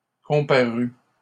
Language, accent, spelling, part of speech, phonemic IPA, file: French, Canada, comparût, verb, /kɔ̃.pa.ʁy/, LL-Q150 (fra)-comparût.wav
- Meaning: third-person singular imperfect subjunctive of comparaître